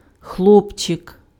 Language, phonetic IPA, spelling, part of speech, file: Ukrainian, [ˈxɫɔpt͡ʃek], хлопчик, noun, Uk-хлопчик.ogg
- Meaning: diminutive of хло́пець (xlópecʹ, “boy”): (little) boy, lad